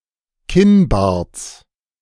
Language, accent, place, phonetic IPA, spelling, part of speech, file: German, Germany, Berlin, [ˈkɪnˌbaːɐ̯t͡s], Kinnbarts, noun, De-Kinnbarts.ogg
- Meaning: genitive singular of Kinnbart